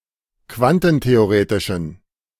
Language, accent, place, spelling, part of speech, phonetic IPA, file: German, Germany, Berlin, quantentheoretischen, adjective, [ˈkvantn̩teoˌʁeːtɪʃn̩], De-quantentheoretischen.ogg
- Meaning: inflection of quantentheoretisch: 1. strong genitive masculine/neuter singular 2. weak/mixed genitive/dative all-gender singular 3. strong/weak/mixed accusative masculine singular